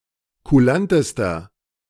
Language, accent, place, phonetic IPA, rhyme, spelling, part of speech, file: German, Germany, Berlin, [kuˈlantəstɐ], -antəstɐ, kulantester, adjective, De-kulantester.ogg
- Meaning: inflection of kulant: 1. strong/mixed nominative masculine singular superlative degree 2. strong genitive/dative feminine singular superlative degree 3. strong genitive plural superlative degree